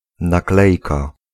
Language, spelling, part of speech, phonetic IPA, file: Polish, naklejka, noun, [naˈklɛjka], Pl-naklejka.ogg